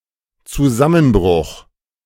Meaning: 1. collapse 2. crash 3. breakdown
- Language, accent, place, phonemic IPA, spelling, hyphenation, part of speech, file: German, Germany, Berlin, /t͡suˈzamənˌbʁʊχ/, Zusammenbruch, Zu‧sam‧men‧bruch, noun, De-Zusammenbruch.ogg